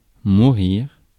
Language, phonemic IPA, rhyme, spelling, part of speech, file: French, /mu.ʁiʁ/, -iʁ, mourir, verb / noun, Fr-mourir.ogg
- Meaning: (verb) 1. to die; to be dying 2. to be dying (of) 3. to be dying; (noun) the experience or process of dying (as opposed to the state of being dead)